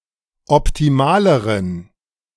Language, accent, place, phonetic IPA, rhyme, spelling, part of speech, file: German, Germany, Berlin, [ɔptiˈmaːləʁən], -aːləʁən, optimaleren, adjective, De-optimaleren.ogg
- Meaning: inflection of optimal: 1. strong genitive masculine/neuter singular comparative degree 2. weak/mixed genitive/dative all-gender singular comparative degree